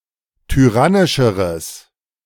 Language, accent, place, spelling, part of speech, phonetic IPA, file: German, Germany, Berlin, tyrannischeres, adjective, [tyˈʁanɪʃəʁəs], De-tyrannischeres.ogg
- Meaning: strong/mixed nominative/accusative neuter singular comparative degree of tyrannisch